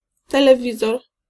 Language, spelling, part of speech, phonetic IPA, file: Polish, telewizor, noun, [ˌtɛlɛˈvʲizɔr], Pl-telewizor.ogg